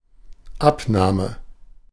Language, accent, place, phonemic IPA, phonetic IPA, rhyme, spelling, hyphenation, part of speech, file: German, Germany, Berlin, /ˈapˌnaːmə/, [ˈʔapˌnaːmə], -aːmə, Abnahme, Ab‧nah‧me, noun, De-Abnahme.ogg
- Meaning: verbal noun of abnehmen: 1. abatement 2. decrease, reduction 3. ellipsis of Gewichtsabnahme (“weight loss”) 4. inspection, certification 5. extraction, collection (from someone's body, e.g. blood)